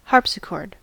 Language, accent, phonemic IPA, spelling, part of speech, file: English, US, /ˈhɑɹp.sɪˌkɔɹd/, harpsichord, noun, En-us-harpsichord.ogg